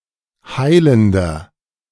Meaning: inflection of heilend: 1. strong/mixed nominative masculine singular 2. strong genitive/dative feminine singular 3. strong genitive plural
- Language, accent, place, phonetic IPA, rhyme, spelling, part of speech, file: German, Germany, Berlin, [ˈhaɪ̯ləndɐ], -aɪ̯ləndɐ, heilender, adjective, De-heilender.ogg